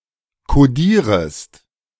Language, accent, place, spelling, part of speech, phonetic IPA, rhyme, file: German, Germany, Berlin, kodierest, verb, [koˈdiːʁəst], -iːʁəst, De-kodierest.ogg
- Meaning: second-person singular subjunctive I of kodieren